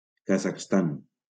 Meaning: Kazakhstan (a country in Central Asia and Eastern Europe)
- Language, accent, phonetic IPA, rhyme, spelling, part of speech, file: Catalan, Valencia, [ka.zaχsˈtan], -an, Kazakhstan, proper noun, LL-Q7026 (cat)-Kazakhstan.wav